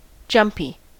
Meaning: 1. Nervous and excited 2. Tending to jump; full of jumps
- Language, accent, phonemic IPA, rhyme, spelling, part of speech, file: English, US, /ˈd͡ʒʌmpi/, -ʌmpi, jumpy, adjective, En-us-jumpy.ogg